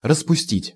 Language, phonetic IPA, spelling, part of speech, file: Russian, [rəspʊˈsʲtʲitʲ], распустить, verb, Ru-распустить.ogg
- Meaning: 1. to dismiss 2. to disband 3. to loosen 4. to let out 5. to dissolve, to melt 6. to unknit 7. to untuck, to let out 8. to allow to get out of hand, to let get out of hand 9. to set afloat, to spread